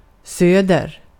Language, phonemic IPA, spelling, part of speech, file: Swedish, /søːdɛr/, söder, adverb / noun, Sv-söder.ogg
- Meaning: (adverb) south of; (noun) south; one of the four major compass points